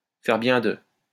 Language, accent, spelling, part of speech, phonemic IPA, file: French, France, faire bien de, verb, /fɛʁ bjɛ̃ də/, LL-Q150 (fra)-faire bien de.wav
- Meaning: to do well to, had better